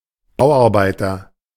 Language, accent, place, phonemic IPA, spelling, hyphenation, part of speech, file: German, Germany, Berlin, /ˈbaʊ̯ʔaʁˌbaɪ̯tɐ/, Bauarbeiter, Bau‧arbeiter, noun, De-Bauarbeiter.ogg
- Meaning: construction worker, building worker, builder (male or of unspecified gender)